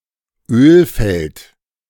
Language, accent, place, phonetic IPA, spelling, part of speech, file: German, Germany, Berlin, [ˈøːlˌfɛlt], Ölfeld, noun, De-Ölfeld.ogg
- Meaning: oil field